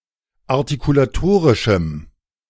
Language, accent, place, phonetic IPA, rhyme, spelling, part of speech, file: German, Germany, Berlin, [aʁtikulaˈtoːʁɪʃm̩], -oːʁɪʃm̩, artikulatorischem, adjective, De-artikulatorischem.ogg
- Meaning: strong dative masculine/neuter singular of artikulatorisch